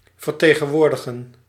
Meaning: to represent (to stand in the place of, act on behalf of)
- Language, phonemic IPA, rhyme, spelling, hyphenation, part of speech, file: Dutch, /vərˌteː.ɣə(n)ˈʋoːr.də.ɣə(n)/, -oːrdəɣə(n), vertegenwoordigen, ver‧te‧gen‧woor‧di‧gen, verb, Nl-vertegenwoordigen.ogg